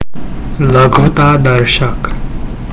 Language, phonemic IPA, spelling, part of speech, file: Gujarati, /ˈlə.ɡʱu.t̪ɑ.d̪əɾ.ʃək/, લઘુતાદર્શક, adjective, Gu-લઘુતાદર્શક.ogg
- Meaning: diminutive